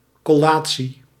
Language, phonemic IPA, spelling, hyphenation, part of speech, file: Dutch, /ˌkɔˈlaː.(t)si/, collatie, col‧la‧tie, noun, Nl-collatie.ogg
- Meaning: 1. collation (examination of documents; written result of such a comparison) 2. collation (conference) 3. the act or procedure of installing a cleric in a parish or congregation